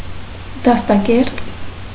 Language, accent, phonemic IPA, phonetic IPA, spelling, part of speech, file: Armenian, Eastern Armenian, /dɑstɑˈkeɾt/, [dɑstɑkéɾt], դաստակերտ, noun, Hy-դաստակերտ.ogg
- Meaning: estate